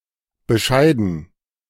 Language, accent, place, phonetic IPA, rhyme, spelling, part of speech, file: German, Germany, Berlin, [bəˈʃaɪ̯dn̩], -aɪ̯dn̩, Bescheiden, noun, De-Bescheiden.ogg
- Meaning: dative plural of Bescheid